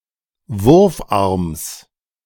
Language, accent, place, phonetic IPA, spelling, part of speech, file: German, Germany, Berlin, [ˈvʊʁfˌʔaʁms], Wurfarms, noun, De-Wurfarms.ogg
- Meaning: genitive of Wurfarm